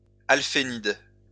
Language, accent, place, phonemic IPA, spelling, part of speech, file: French, France, Lyon, /al.fe.nid/, alfénide, noun, LL-Q150 (fra)-alfénide.wav
- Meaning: alfenide